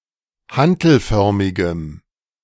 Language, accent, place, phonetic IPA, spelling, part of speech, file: German, Germany, Berlin, [ˈhantl̩ˌfœʁmɪɡəm], hantelförmigem, adjective, De-hantelförmigem.ogg
- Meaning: strong dative masculine/neuter singular of hantelförmig